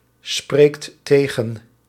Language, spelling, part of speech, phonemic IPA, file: Dutch, spreekt tegen, verb, /ˈsprekt ˈteɣə(n)/, Nl-spreekt tegen.ogg
- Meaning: inflection of tegenspreken: 1. second/third-person singular present indicative 2. plural imperative